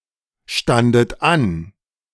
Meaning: second-person plural preterite of anstehen
- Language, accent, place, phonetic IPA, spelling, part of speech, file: German, Germany, Berlin, [ˌʃtandət ˈan], standet an, verb, De-standet an.ogg